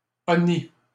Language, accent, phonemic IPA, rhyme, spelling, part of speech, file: French, Canada, /ɔ.ni/, -i, honni, verb, LL-Q150 (fra)-honni.wav
- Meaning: past participle of honnir